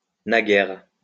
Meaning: alternative spelling of naguère
- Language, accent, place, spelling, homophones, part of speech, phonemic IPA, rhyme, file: French, France, Lyon, naguères, naguère, adverb, /na.ɡɛʁ/, -ɛʁ, LL-Q150 (fra)-naguères.wav